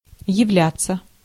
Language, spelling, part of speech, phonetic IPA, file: Russian, являться, verb, [(j)ɪˈvlʲat͡sːə], Ru-являться.ogg
- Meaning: 1. to report (in person), to appear 2. to turn up 3. to be [with instrumental ‘something’] (often used in literary contexts to emphasise being an example of something or holding a certain status)